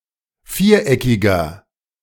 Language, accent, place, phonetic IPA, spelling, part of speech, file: German, Germany, Berlin, [ˈfiːɐ̯ˌʔɛkɪɡn̩], viereckigen, adjective, De-viereckigen.ogg
- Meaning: inflection of viereckig: 1. strong genitive masculine/neuter singular 2. weak/mixed genitive/dative all-gender singular 3. strong/weak/mixed accusative masculine singular 4. strong dative plural